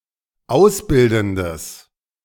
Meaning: strong/mixed nominative/accusative neuter singular of ausbildend
- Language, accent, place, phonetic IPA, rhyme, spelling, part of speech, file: German, Germany, Berlin, [ˈaʊ̯sˌbɪldn̩dəs], -aʊ̯sbɪldn̩dəs, ausbildendes, adjective, De-ausbildendes.ogg